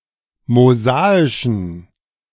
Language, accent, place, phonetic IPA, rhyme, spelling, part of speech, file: German, Germany, Berlin, [moˈzaːɪʃn̩], -aːɪʃn̩, mosaischen, adjective, De-mosaischen.ogg
- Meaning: inflection of mosaisch: 1. strong genitive masculine/neuter singular 2. weak/mixed genitive/dative all-gender singular 3. strong/weak/mixed accusative masculine singular 4. strong dative plural